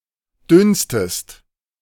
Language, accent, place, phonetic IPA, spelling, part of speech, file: German, Germany, Berlin, [ˈdʏnstəst], dünstest, verb, De-dünstest.ogg
- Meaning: inflection of dünsten: 1. second-person singular present 2. second-person singular subjunctive I